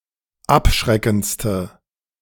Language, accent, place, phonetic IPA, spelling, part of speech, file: German, Germany, Berlin, [ˈapˌʃʁɛkn̩t͡stə], abschreckendste, adjective, De-abschreckendste.ogg
- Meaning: inflection of abschreckend: 1. strong/mixed nominative/accusative feminine singular superlative degree 2. strong nominative/accusative plural superlative degree